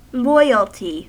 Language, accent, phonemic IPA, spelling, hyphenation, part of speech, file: English, US, /ˈlɔɪəlti/, loyalty, loy‧al‧ty, noun, En-us-loyalty.ogg
- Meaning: 1. The state of being loyal; fidelity 2. Faithfulness or devotion to some person, cause or nation